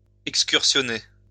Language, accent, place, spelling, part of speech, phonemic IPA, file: French, France, Lyon, excursionner, verb, /ɛk.skyʁ.sjɔ.ne/, LL-Q150 (fra)-excursionner.wav
- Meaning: to trip (take a trip)